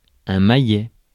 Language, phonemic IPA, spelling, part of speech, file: French, /ma.jɛ/, maillet, noun, Fr-maillet.ogg
- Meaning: 1. a mallet hammer 2. the mallet used to play croquet and polo 3. a hammer for striking nails 4. a door hammer